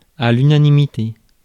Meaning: unanimity
- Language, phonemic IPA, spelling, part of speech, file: French, /y.na.ni.mi.te/, unanimité, noun, Fr-unanimité.ogg